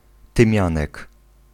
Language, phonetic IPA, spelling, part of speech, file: Polish, [tɨ̃ˈmʲjãnɛk], tymianek, noun, Pl-tymianek.ogg